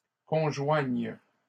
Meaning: second-person singular present subjunctive of conjoindre
- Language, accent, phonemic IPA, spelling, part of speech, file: French, Canada, /kɔ̃.ʒwaɲ/, conjoignes, verb, LL-Q150 (fra)-conjoignes.wav